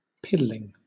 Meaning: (adjective) Insignificant, negligible, paltry, trivial, useless; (verb) present participle and gerund of piddle
- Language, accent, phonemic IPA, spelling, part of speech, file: English, Southern England, /ˈpɪdəlɪŋ/, piddling, adjective / verb, LL-Q1860 (eng)-piddling.wav